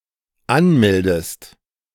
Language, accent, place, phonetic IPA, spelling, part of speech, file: German, Germany, Berlin, [ˈanˌmɛldəst], anmeldest, verb, De-anmeldest.ogg
- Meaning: inflection of anmelden: 1. second-person singular dependent present 2. second-person singular dependent subjunctive I